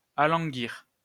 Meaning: 1. to cause to become languid 2. to become languid
- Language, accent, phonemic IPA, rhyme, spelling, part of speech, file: French, France, /a.lɑ̃.ɡiʁ/, -iʁ, alanguir, verb, LL-Q150 (fra)-alanguir.wav